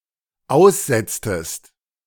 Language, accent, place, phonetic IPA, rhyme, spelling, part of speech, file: German, Germany, Berlin, [ˈaʊ̯sˌzɛt͡stəst], -aʊ̯szɛt͡stəst, aussetztest, verb, De-aussetztest.ogg
- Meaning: inflection of aussetzen: 1. second-person singular dependent preterite 2. second-person singular dependent subjunctive II